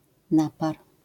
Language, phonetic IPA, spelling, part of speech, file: Polish, [ˈnapar], napar, noun, LL-Q809 (pol)-napar.wav